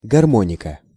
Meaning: 1. accordion (a small, portable, keyed wind instrument) 2. harmony
- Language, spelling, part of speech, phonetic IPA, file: Russian, гармоника, noun, [ɡɐrˈmonʲɪkə], Ru-гармоника.ogg